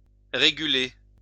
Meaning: to regulate
- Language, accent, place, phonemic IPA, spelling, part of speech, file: French, France, Lyon, /ʁe.ɡy.le/, réguler, verb, LL-Q150 (fra)-réguler.wav